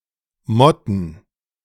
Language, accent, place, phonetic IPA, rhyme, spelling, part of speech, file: German, Germany, Berlin, [ˈmɔtn̩], -ɔtn̩, motten, verb, De-motten.ogg
- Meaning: to smoulder